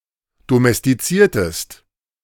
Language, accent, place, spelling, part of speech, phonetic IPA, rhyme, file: German, Germany, Berlin, domestiziertest, verb, [domɛstiˈt͡siːɐ̯təst], -iːɐ̯təst, De-domestiziertest.ogg
- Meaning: inflection of domestizieren: 1. second-person singular preterite 2. second-person singular subjunctive II